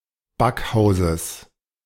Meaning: genitive singular of Backhaus
- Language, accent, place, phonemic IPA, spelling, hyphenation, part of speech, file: German, Germany, Berlin, /ˈbakˌhaʊ̯zəs/, Backhauses, Back‧hau‧ses, noun, De-Backhauses.ogg